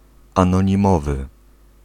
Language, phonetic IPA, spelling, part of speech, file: Polish, [ˌãnɔ̃ɲĩˈmɔvɨ], anonimowy, adjective, Pl-anonimowy.ogg